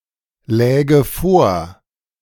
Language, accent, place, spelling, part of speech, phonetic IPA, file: German, Germany, Berlin, läge vor, verb, [ˌlɛːɡə ˈfoːɐ̯], De-läge vor.ogg
- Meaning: first/third-person singular subjunctive II of vorliegen